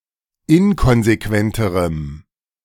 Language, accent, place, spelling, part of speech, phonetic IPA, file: German, Germany, Berlin, inkonsequenterem, adjective, [ˈɪnkɔnzeˌkvɛntəʁəm], De-inkonsequenterem.ogg
- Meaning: strong dative masculine/neuter singular comparative degree of inkonsequent